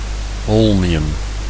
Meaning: holmium
- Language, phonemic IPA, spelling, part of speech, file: Dutch, /ˈhɔlmiˌjʏm/, holmium, noun, Nl-holmium.ogg